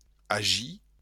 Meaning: 1. to act 2. to be about, to deal with
- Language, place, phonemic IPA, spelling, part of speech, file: Occitan, Béarn, /aˈ(d)ʒi/, agir, verb, LL-Q14185 (oci)-agir.wav